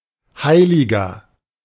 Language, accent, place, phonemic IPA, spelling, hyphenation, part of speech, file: German, Germany, Berlin, /ˈhaɪ̯.lɪ.ɡɐ/, Heiliger, Hei‧li‧ger, noun, De-Heiliger.ogg
- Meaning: 1. saint (male or of unspecified gender) 2. virtuous, honest person (male or of unspecified gender) 3. inflection of Heilige: strong genitive/dative singular